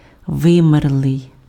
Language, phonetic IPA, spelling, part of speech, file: Ukrainian, [ˈʋɪmerɫei̯], вимерлий, verb, Uk-вимерлий.ogg
- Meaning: past active perfective participle of ви́мерти (výmerty): extinct, died out